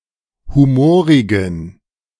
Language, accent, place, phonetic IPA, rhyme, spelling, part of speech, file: German, Germany, Berlin, [ˌhuˈmoːʁɪɡn̩], -oːʁɪɡn̩, humorigen, adjective, De-humorigen.ogg
- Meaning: inflection of humorig: 1. strong genitive masculine/neuter singular 2. weak/mixed genitive/dative all-gender singular 3. strong/weak/mixed accusative masculine singular 4. strong dative plural